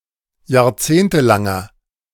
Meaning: inflection of jahrzehntelang: 1. strong/mixed nominative masculine singular 2. strong genitive/dative feminine singular 3. strong genitive plural
- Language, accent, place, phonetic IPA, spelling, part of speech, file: German, Germany, Berlin, [jaːɐ̯ˈt͡seːntəˌlaŋɐ], jahrzehntelanger, adjective, De-jahrzehntelanger.ogg